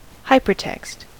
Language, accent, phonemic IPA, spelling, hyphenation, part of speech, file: English, US, /ˈhaɪpəɹˌtɛkst/, hypertext, hy‧per‧text, noun, En-us-hypertext.ogg
- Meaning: 1. Digital text in which the reader may navigate related information through embedded hyperlinks 2. A hypertext document